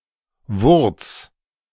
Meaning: root
- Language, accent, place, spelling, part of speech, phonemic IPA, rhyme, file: German, Germany, Berlin, Wurz, noun, /vʊʁt͡s/, -ʊʁt͡s, De-Wurz.ogg